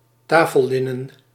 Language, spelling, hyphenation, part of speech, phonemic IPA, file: Dutch, tafellinnen, ta‧fel‧lin‧nen, noun, /ˈtaː.fəlˌlɪ.nə(n)/, Nl-tafellinnen.ogg
- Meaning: table linen